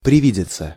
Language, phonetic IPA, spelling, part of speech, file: Russian, [prʲɪˈvʲidʲɪt͡sə], привидеться, verb, Ru-привидеться.ogg
- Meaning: to appear (in a dream or vision)